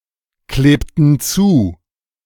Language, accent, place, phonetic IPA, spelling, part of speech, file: German, Germany, Berlin, [ˌkleːptn̩ ˈt͡suː], klebten zu, verb, De-klebten zu.ogg
- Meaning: inflection of zukleben: 1. first/third-person plural preterite 2. first/third-person plural subjunctive II